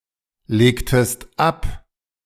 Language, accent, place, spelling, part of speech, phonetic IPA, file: German, Germany, Berlin, legtest ab, verb, [ˌleːktəst ˈap], De-legtest ab.ogg
- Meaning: inflection of ablegen: 1. second-person singular preterite 2. second-person singular subjunctive II